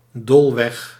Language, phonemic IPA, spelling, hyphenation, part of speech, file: Dutch, /ˈdoːl.ʋɛx/, doolweg, dool‧weg, noun, Nl-doolweg.ogg
- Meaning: a misleading path or road, the wrong path